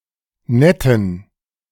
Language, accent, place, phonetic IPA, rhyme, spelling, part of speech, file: German, Germany, Berlin, [ˈnɛtn̩], -ɛtn̩, netten, adjective, De-netten.ogg
- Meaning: inflection of nett: 1. strong genitive masculine/neuter singular 2. weak/mixed genitive/dative all-gender singular 3. strong/weak/mixed accusative masculine singular 4. strong dative plural